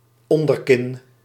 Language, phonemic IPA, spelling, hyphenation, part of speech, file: Dutch, /ˈɔn.dərˌkɪn/, onderkin, on‧der‧kin, noun, Nl-onderkin.ogg
- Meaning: double chin